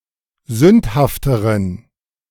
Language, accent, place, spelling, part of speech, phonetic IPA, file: German, Germany, Berlin, sündhafteren, adjective, [ˈzʏnthaftəʁən], De-sündhafteren.ogg
- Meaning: inflection of sündhaft: 1. strong genitive masculine/neuter singular comparative degree 2. weak/mixed genitive/dative all-gender singular comparative degree